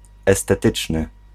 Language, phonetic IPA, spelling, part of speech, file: Polish, [ˌɛstɛˈtɨt͡ʃnɨ], estetyczny, adjective, Pl-estetyczny.ogg